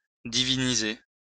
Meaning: to deify, to make divine
- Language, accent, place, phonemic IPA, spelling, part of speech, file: French, France, Lyon, /di.vi.ni.ze/, diviniser, verb, LL-Q150 (fra)-diviniser.wav